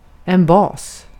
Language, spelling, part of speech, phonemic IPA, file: Swedish, bas, noun, /bɑːs/, Sv-bas.ogg
- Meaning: 1. base; foundation 2. base, basis; a set of vectors which span a certain space 3. base; the lower, horizontal line in a triangle or the horizontal plane in a cone, pyramid etc 4. base; alkali